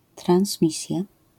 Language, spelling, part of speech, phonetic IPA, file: Polish, transmisja, noun, [trãw̃sˈmʲisʲja], LL-Q809 (pol)-transmisja.wav